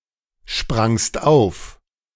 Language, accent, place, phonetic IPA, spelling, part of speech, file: German, Germany, Berlin, [ˌʃpʁaŋst ˈaʊ̯f], sprangst auf, verb, De-sprangst auf.ogg
- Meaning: second-person singular preterite of aufspringen